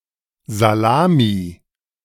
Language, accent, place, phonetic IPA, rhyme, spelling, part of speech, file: German, Germany, Berlin, [zaˈlaːmi], -aːmi, Salami, noun, De-Salami.ogg
- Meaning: salami